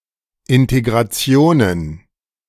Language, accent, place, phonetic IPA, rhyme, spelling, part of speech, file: German, Germany, Berlin, [ɪnteɡʁaˈt͡si̯oːnən], -oːnən, Integrationen, noun, De-Integrationen.ogg
- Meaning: plural of Integration